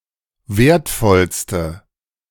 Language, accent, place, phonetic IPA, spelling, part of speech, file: German, Germany, Berlin, [ˈveːɐ̯tˌfɔlstə], wertvollste, adjective, De-wertvollste.ogg
- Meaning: inflection of wertvoll: 1. strong/mixed nominative/accusative feminine singular superlative degree 2. strong nominative/accusative plural superlative degree